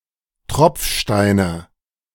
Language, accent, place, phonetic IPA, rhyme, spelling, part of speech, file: German, Germany, Berlin, [ˈtʁɔp͡fˌʃtaɪ̯nə], -ɔp͡fʃtaɪ̯nə, Tropfsteine, noun, De-Tropfsteine.ogg
- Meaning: nominative/accusative/genitive plural of Tropfstein